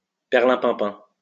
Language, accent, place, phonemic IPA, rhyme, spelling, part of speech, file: French, France, Lyon, /pɛʁ.lɛ̃.pɛ̃.pɛ̃/, -ɛ̃, perlimpinpin, noun, LL-Q150 (fra)-perlimpinpin.wav
- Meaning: only used in poudre de perlimpinpin (“snake oil”)